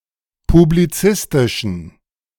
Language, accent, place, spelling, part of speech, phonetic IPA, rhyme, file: German, Germany, Berlin, publizistischen, adjective, [publiˈt͡sɪstɪʃn̩], -ɪstɪʃn̩, De-publizistischen.ogg
- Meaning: inflection of publizistisch: 1. strong genitive masculine/neuter singular 2. weak/mixed genitive/dative all-gender singular 3. strong/weak/mixed accusative masculine singular 4. strong dative plural